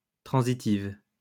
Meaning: feminine singular of transitif
- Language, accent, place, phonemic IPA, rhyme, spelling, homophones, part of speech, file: French, France, Lyon, /tʁɑ̃.zi.tiv/, -iv, transitive, transitives, adjective, LL-Q150 (fra)-transitive.wav